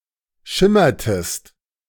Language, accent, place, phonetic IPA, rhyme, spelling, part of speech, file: German, Germany, Berlin, [ˈʃɪmɐtəst], -ɪmɐtəst, schimmertest, verb, De-schimmertest.ogg
- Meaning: inflection of schimmern: 1. second-person singular preterite 2. second-person singular subjunctive II